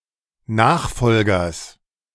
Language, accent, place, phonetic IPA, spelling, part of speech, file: German, Germany, Berlin, [ˈnaːxˌfɔlɡɐs], Nachfolgers, noun, De-Nachfolgers.ogg
- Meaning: genitive singular of Nachfolger